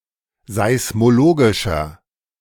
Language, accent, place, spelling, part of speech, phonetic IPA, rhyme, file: German, Germany, Berlin, seismologischer, adjective, [zaɪ̯smoˈloːɡɪʃɐ], -oːɡɪʃɐ, De-seismologischer.ogg
- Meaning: inflection of seismologisch: 1. strong/mixed nominative masculine singular 2. strong genitive/dative feminine singular 3. strong genitive plural